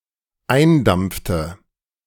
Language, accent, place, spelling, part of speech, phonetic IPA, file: German, Germany, Berlin, eindampfte, verb, [ˈaɪ̯nˌdamp͡ftə], De-eindampfte.ogg
- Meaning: inflection of eindampfen: 1. first/third-person singular dependent preterite 2. first/third-person singular dependent subjunctive II